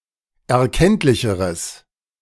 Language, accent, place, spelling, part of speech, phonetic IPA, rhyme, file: German, Germany, Berlin, erkenntlicheres, adjective, [ɛɐ̯ˈkɛntlɪçəʁəs], -ɛntlɪçəʁəs, De-erkenntlicheres.ogg
- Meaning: strong/mixed nominative/accusative neuter singular comparative degree of erkenntlich